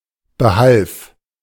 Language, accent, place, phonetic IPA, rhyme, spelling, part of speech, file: German, Germany, Berlin, [bəˈhalf], -alf, behalf, verb, De-behalf.ogg
- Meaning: first/third-person singular preterite of behelfen